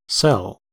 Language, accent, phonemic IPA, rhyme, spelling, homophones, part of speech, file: English, US, /sɛl/, -ɛl, cell, cel / sell, noun / verb, En-us-cell.ogg
- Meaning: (noun) 1. A single-room dwelling for a hermit 2. A small monastery or nunnery dependent on a larger religious establishment 3. A small room in a monastery or nunnery accommodating one person